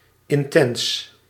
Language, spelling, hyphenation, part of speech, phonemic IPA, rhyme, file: Dutch, intens, in‧tens, adjective, /ɪnˈtɛns/, -ɛns, Nl-intens.ogg
- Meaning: intense